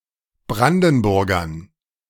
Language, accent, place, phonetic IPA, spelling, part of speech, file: German, Germany, Berlin, [ˈbʁandn̩ˌbʊʁɡɐn], Brandenburgern, noun, De-Brandenburgern.ogg
- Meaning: dative plural of Brandenburger